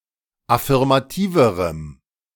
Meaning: strong dative masculine/neuter singular comparative degree of affirmativ
- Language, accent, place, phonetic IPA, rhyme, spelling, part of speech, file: German, Germany, Berlin, [afɪʁmaˈtiːvəʁəm], -iːvəʁəm, affirmativerem, adjective, De-affirmativerem.ogg